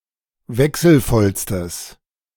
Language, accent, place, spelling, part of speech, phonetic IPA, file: German, Germany, Berlin, wechselvollstes, adjective, [ˈvɛksl̩ˌfɔlstəs], De-wechselvollstes.ogg
- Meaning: strong/mixed nominative/accusative neuter singular superlative degree of wechselvoll